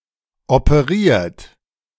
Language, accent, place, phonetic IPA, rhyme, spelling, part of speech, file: German, Germany, Berlin, [opəˈʁiːɐ̯t], -iːɐ̯t, operiert, verb, De-operiert.ogg
- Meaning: 1. past participle of operieren 2. inflection of operieren: third-person singular present 3. inflection of operieren: second-person plural present 4. inflection of operieren: plural imperative